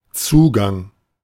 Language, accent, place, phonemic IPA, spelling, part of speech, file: German, Germany, Berlin, /ˈt͡suːɡaŋ/, Zugang, noun, De-Zugang.ogg
- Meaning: 1. access 2. admission, intake 3. entrance